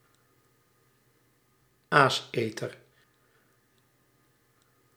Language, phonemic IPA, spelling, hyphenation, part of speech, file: Dutch, /ˈaːsˌeː.tər/, aaseter, aas‧eter, noun, Nl-aaseter.ogg
- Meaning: scavenger